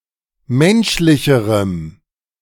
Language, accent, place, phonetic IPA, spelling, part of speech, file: German, Germany, Berlin, [ˈmɛnʃlɪçəʁəm], menschlicherem, adjective, De-menschlicherem.ogg
- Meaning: strong dative masculine/neuter singular comparative degree of menschlich